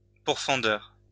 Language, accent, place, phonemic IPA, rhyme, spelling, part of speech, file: French, France, Lyon, /puʁ.fɑ̃.dœʁ/, -œʁ, pourfendeur, noun, LL-Q150 (fra)-pourfendeur.wav
- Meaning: attacker, opponent